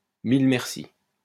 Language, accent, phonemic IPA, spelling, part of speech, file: French, France, /mil mɛʁ.si/, mille mercis, interjection, LL-Q150 (fra)-mille mercis.wav
- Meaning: thank you very much, thanks a million